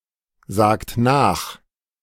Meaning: inflection of nachsagen: 1. second-person plural present 2. third-person singular present 3. plural imperative
- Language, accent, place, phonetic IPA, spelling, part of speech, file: German, Germany, Berlin, [ˌzaːkt ˈnaːx], sagt nach, verb, De-sagt nach.ogg